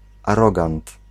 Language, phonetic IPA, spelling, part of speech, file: Polish, [aˈrɔɡãnt], arogant, noun, Pl-arogant.ogg